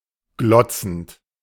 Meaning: present participle of glotzen
- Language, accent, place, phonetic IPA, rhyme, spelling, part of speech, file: German, Germany, Berlin, [ˈɡlɔt͡sn̩t], -ɔt͡sn̩t, glotzend, verb, De-glotzend.ogg